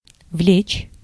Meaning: 1. to attract, to draw, to pull, to haul 2. to entail, to bring about
- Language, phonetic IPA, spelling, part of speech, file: Russian, [vlʲet͡ɕ], влечь, verb, Ru-влечь.ogg